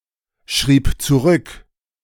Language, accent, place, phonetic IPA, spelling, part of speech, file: German, Germany, Berlin, [ˌʃʁiːp t͡suˈʁʏk], schrieb zurück, verb, De-schrieb zurück.ogg
- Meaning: first/third-person singular preterite of zurückschreiben